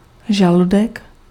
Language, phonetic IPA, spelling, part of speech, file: Czech, [ˈʒaludɛk], žaludek, noun, Cs-žaludek.ogg
- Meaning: stomach